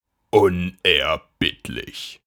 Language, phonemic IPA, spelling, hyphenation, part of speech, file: German, /ʊnɛɐˈbɪtlɪç/, unerbittlich, un‧er‧bitt‧lich, adjective / adverb, De-unerbittlich.ogg
- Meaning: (adjective) relentless, merciless, inexorable (unable/unwilling to be stopped by pleading or compromises); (adverb) relentlessly, stubbornly